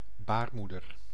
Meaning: uterus, womb
- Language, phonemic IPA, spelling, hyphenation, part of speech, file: Dutch, /ˈbaːrˌmudər/, baarmoeder, baar‧moe‧der, noun, Nl-baarmoeder.ogg